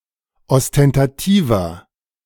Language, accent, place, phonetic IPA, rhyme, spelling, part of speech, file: German, Germany, Berlin, [ɔstɛntaˈtiːvɐ], -iːvɐ, ostentativer, adjective, De-ostentativer.ogg
- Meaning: 1. comparative degree of ostentativ 2. inflection of ostentativ: strong/mixed nominative masculine singular 3. inflection of ostentativ: strong genitive/dative feminine singular